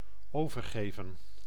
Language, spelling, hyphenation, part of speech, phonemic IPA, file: Dutch, overgeven, over‧ge‧ven, verb, /ˈoː.vərˌɣeː.və(n)/, Nl-overgeven.ogg
- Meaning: 1. to hand over, to give over 2. to surrender, to give oneself up 3. to vomit